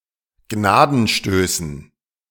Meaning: dative plural of Gnadenstoß
- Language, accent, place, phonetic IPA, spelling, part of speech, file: German, Germany, Berlin, [ˈɡnaːdn̩ˌʃtøːsn̩], Gnadenstößen, noun, De-Gnadenstößen.ogg